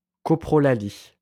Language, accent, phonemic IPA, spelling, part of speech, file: French, France, /kɔ.pʁɔ.la.li/, coprolalie, noun, LL-Q150 (fra)-coprolalie.wav
- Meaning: coprolalia